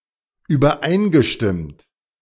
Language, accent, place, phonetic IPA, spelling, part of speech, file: German, Germany, Berlin, [yːbɐˈʔaɪ̯nɡəˌʃtɪmt], übereingestimmt, verb, De-übereingestimmt.ogg
- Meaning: past participle of übereinstimmen